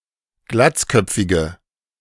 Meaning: inflection of glatzköpfig: 1. strong/mixed nominative/accusative feminine singular 2. strong nominative/accusative plural 3. weak nominative all-gender singular
- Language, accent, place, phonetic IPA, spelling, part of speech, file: German, Germany, Berlin, [ˈɡlat͡sˌkœp͡fɪɡə], glatzköpfige, adjective, De-glatzköpfige.ogg